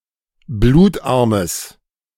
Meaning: strong/mixed nominative/accusative neuter singular of blutarm
- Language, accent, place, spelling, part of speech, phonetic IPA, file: German, Germany, Berlin, blutarmes, adjective, [ˈbluːtˌʔaʁməs], De-blutarmes.ogg